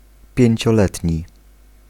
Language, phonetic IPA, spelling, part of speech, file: Polish, [ˌpʲjɛ̇̃ɲt͡ɕɔˈlɛtʲɲi], pięcioletni, adjective, Pl-pięcioletni.ogg